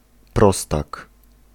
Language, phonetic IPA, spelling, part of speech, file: Polish, [ˈprɔstak], prostak, noun, Pl-prostak.ogg